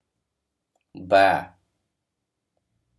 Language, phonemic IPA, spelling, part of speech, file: Odia, /ba/, ବା, conjunction, Or-ବା.oga
- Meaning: or